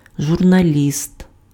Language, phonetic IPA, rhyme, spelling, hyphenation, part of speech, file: Ukrainian, [ʒʊrnɐˈlʲist], -ist, журналіст, жур‧на‧ліст, noun, Uk-журналіст.ogg
- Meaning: journalist